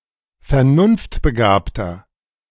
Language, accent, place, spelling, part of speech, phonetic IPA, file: German, Germany, Berlin, vernunftbegabter, adjective, [fɛɐ̯ˈnʊnftbəˌɡaːptɐ], De-vernunftbegabter.ogg
- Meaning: 1. comparative degree of vernunftbegabt 2. inflection of vernunftbegabt: strong/mixed nominative masculine singular 3. inflection of vernunftbegabt: strong genitive/dative feminine singular